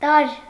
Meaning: 1. element 2. element, rudiment, principle, fundamental 3. component 4. element (member of a social group)
- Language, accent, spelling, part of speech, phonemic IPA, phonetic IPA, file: Armenian, Eastern Armenian, տարր, noun, /tɑɾɾ/, [tɑɹː], Hy-տարր.ogg